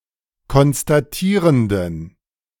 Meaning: inflection of konstatierend: 1. strong genitive masculine/neuter singular 2. weak/mixed genitive/dative all-gender singular 3. strong/weak/mixed accusative masculine singular 4. strong dative plural
- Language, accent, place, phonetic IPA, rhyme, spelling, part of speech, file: German, Germany, Berlin, [kɔnstaˈtiːʁəndn̩], -iːʁəndn̩, konstatierenden, adjective, De-konstatierenden.ogg